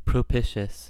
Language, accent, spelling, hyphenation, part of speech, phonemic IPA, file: English, US, propitious, pro‧pi‧tious, adjective, /pɹəˈpɪʃəs/, En-us-propitious.ogg
- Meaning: 1. Favorable; advantageous 2. Characteristic of a good omen 3. Favorably disposed towards someone